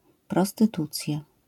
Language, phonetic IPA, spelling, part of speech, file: Polish, [ˌprɔstɨˈtut͡sʲja], prostytucja, noun, LL-Q809 (pol)-prostytucja.wav